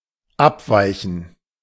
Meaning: 1. to differ or vary 2. to deviate or diverge
- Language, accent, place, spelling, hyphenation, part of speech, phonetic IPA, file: German, Germany, Berlin, abweichen, ab‧wei‧chen, verb, [ˈʔapˌvaɪçən], De-abweichen.ogg